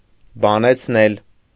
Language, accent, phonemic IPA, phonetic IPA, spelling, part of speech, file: Armenian, Eastern Armenian, /bɑnet͡sʰˈnel/, [bɑnet͡sʰnél], բանեցնել, verb, Hy-բանեցնել.ogg
- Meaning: causative of բանել (banel): 1. to employ, to use, to work (to put into service or action) 2. to exploit 3. to use up, to expend, to exhaust